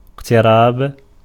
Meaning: 1. verbal noun of اِقْتَرَبَ (iqtaraba) (form VIII) 2. verbal noun of اِقْتَرَبَ (iqtaraba) (form VIII): approach, approaching
- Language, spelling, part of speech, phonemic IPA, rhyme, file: Arabic, اقتراب, noun, /iq.ti.raːb/, -aːb, Ar-اقتراب.ogg